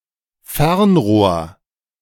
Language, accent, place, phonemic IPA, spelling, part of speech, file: German, Germany, Berlin, /ˈfɛʁnˌʁoːɐ̯/, Fernrohr, noun, De-Fernrohr.ogg
- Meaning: telescope